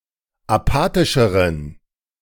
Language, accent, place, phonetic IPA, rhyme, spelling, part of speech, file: German, Germany, Berlin, [aˈpaːtɪʃəʁən], -aːtɪʃəʁən, apathischeren, adjective, De-apathischeren.ogg
- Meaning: inflection of apathisch: 1. strong genitive masculine/neuter singular comparative degree 2. weak/mixed genitive/dative all-gender singular comparative degree